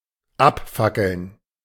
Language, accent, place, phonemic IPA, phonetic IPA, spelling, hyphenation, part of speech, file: German, Germany, Berlin, /ˈapˌfakəln/, [ˈʔapˌfakl̩n], abfackeln, ab‧fa‧ckeln, verb, De-abfackeln.ogg
- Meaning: 1. to burn off 2. to set fire to, to torch (a building, structure, etc.) 3. to burn down